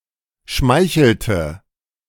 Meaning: inflection of schmeicheln: 1. first/third-person singular preterite 2. first/third-person singular subjunctive II
- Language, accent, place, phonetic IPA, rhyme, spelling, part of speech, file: German, Germany, Berlin, [ˈʃmaɪ̯çl̩tə], -aɪ̯çl̩tə, schmeichelte, verb, De-schmeichelte.ogg